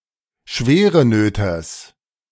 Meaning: genitive singular of Schwerenöter
- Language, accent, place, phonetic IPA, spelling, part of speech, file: German, Germany, Berlin, [ˈʃveːʁəˌnøːtɐs], Schwerenöters, noun, De-Schwerenöters.ogg